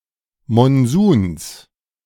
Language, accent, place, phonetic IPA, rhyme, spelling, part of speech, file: German, Germany, Berlin, [mɔnˈzuːns], -uːns, Monsuns, noun, De-Monsuns.ogg
- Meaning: genitive singular of Monsun